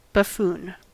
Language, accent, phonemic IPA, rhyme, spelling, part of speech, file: English, US, /bəˈfuːn/, -uːn, buffoon, noun / verb, En-us-buffoon.ogg
- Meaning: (noun) 1. One who performs in a silly or ridiculous fashion; a clown or fool 2. An unintentionally ridiculous person; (verb) To behave like a buffoon